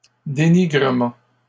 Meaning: denigration
- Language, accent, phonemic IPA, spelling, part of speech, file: French, Canada, /de.ni.ɡʁə.mɑ̃/, dénigrement, noun, LL-Q150 (fra)-dénigrement.wav